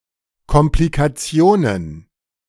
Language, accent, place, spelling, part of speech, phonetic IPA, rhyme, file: German, Germany, Berlin, Komplikationen, noun, [kɔmplikaˈt͡si̯oːnən], -oːnən, De-Komplikationen.ogg
- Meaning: plural of Komplikation